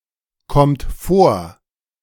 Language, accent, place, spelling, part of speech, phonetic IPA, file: German, Germany, Berlin, kommt vor, verb, [ˌkɔmt ˈfoːɐ̯], De-kommt vor.ogg
- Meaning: inflection of vorkommen: 1. third-person singular present 2. second-person plural present 3. plural imperative